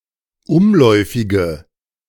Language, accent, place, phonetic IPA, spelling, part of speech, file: German, Germany, Berlin, [ˈʊmˌlɔɪ̯fɪɡə], umläufige, adjective, De-umläufige.ogg
- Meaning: inflection of umläufig: 1. strong/mixed nominative/accusative feminine singular 2. strong nominative/accusative plural 3. weak nominative all-gender singular